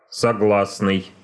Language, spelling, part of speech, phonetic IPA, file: Russian, согласный, adjective / noun, [sɐˈɡɫasnɨj], Ru-согласный.ogg
- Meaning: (adjective) 1. ready (for); willing (to) 2. agreeable 3. harmonious, concordant 4. consonantic, consonantal; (noun) consonant